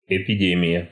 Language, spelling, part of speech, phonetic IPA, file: Russian, эпидемия, noun, [ɪpʲɪˈdʲemʲɪjə], Ru-эпидемия.ogg
- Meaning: epidemic